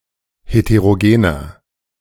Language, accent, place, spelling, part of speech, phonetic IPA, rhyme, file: German, Germany, Berlin, heterogener, adjective, [heteʁoˈɡeːnɐ], -eːnɐ, De-heterogener.ogg
- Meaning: inflection of heterogen: 1. strong/mixed nominative masculine singular 2. strong genitive/dative feminine singular 3. strong genitive plural